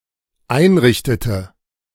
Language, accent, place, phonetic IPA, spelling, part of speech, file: German, Germany, Berlin, [ˈaɪ̯nˌʁɪçtətə], einrichtete, verb, De-einrichtete.ogg
- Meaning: inflection of einrichten: 1. first/third-person singular dependent preterite 2. first/third-person singular dependent subjunctive II